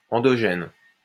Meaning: endogenous (produced, originating or growing from within)
- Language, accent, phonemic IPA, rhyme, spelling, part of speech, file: French, France, /ɑ̃.dɔ.ʒɛn/, -ɛn, endogène, adjective, LL-Q150 (fra)-endogène.wav